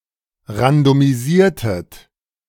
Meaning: inflection of randomisieren: 1. second-person plural preterite 2. second-person plural subjunctive II
- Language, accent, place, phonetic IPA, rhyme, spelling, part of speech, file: German, Germany, Berlin, [ʁandomiˈziːɐ̯tət], -iːɐ̯tət, randomisiertet, verb, De-randomisiertet.ogg